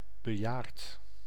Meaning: elderly
- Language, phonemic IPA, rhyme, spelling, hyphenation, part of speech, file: Dutch, /bəˈjaːrt/, -aːrt, bejaard, be‧jaard, adjective, Nl-bejaard.ogg